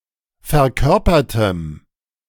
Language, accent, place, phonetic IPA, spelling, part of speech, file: German, Germany, Berlin, [fɛɐ̯ˈkœʁpɐtəm], verkörpertem, adjective, De-verkörpertem.ogg
- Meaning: strong dative masculine/neuter singular of verkörpert